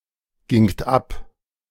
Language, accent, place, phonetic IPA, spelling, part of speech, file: German, Germany, Berlin, [ˌɡɪŋt ˈap], gingt ab, verb, De-gingt ab.ogg
- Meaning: second-person plural preterite of abgehen